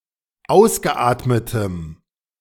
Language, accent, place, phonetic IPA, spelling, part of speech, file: German, Germany, Berlin, [ˈaʊ̯sɡəˌʔaːtmətəm], ausgeatmetem, adjective, De-ausgeatmetem.ogg
- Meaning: strong dative masculine/neuter singular of ausgeatmet